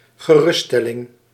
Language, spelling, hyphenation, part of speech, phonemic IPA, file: Dutch, geruststelling, ge‧rust‧stel‧ling, noun, /ɣəˈrʏstˌ(s)tɛlɪŋ/, Nl-geruststelling.ogg
- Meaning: a relief, a reassurance (something that puts the mind at ease)